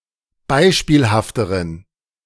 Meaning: inflection of beispielhaft: 1. strong genitive masculine/neuter singular comparative degree 2. weak/mixed genitive/dative all-gender singular comparative degree
- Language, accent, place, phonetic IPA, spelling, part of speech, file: German, Germany, Berlin, [ˈbaɪ̯ʃpiːlhaftəʁən], beispielhafteren, adjective, De-beispielhafteren.ogg